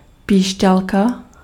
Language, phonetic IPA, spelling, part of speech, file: Czech, [ˈpiːʃcalka], píšťalka, noun, Cs-píšťalka.ogg
- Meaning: whistle (device used to make a whistling sound)